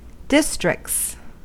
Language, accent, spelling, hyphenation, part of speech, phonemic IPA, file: English, US, districts, dis‧tricts, noun / verb, /ˈdɪstɹɪk(t)s/, En-us-districts.ogg
- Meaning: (noun) plural of district; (verb) third-person singular simple present indicative of district